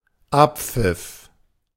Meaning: final whistle
- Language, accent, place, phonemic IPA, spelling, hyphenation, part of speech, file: German, Germany, Berlin, /ˈʔappfɪf/, Abpfiff, Ab‧pfiff, noun, De-Abpfiff.ogg